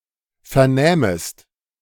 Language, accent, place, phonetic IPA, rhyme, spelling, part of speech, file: German, Germany, Berlin, [ˌfɛɐ̯ˈnɛːməst], -ɛːməst, vernähmest, verb, De-vernähmest.ogg
- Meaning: second-person singular subjunctive II of vernehmen